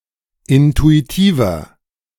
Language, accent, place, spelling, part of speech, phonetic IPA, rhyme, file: German, Germany, Berlin, intuitiver, adjective, [ˌɪntuiˈtiːvɐ], -iːvɐ, De-intuitiver.ogg
- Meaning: 1. comparative degree of intuitiv 2. inflection of intuitiv: strong/mixed nominative masculine singular 3. inflection of intuitiv: strong genitive/dative feminine singular